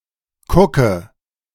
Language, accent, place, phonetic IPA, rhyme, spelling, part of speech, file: German, Germany, Berlin, [ˈkʊkə], -ʊkə, kucke, verb, De-kucke.ogg
- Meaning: inflection of kucken: 1. first-person singular present 2. first/third-person singular subjunctive I 3. singular imperative